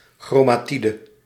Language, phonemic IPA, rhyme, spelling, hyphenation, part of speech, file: Dutch, /ˌxroː.maːˈti.də/, -idə, chromatide, chro‧ma‧ti‧de, noun, Nl-chromatide.ogg
- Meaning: chromatid